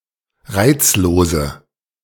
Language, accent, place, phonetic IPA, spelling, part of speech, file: German, Germany, Berlin, [ˈʁaɪ̯t͡sloːzə], reizlose, adjective, De-reizlose.ogg
- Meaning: inflection of reizlos: 1. strong/mixed nominative/accusative feminine singular 2. strong nominative/accusative plural 3. weak nominative all-gender singular 4. weak accusative feminine/neuter singular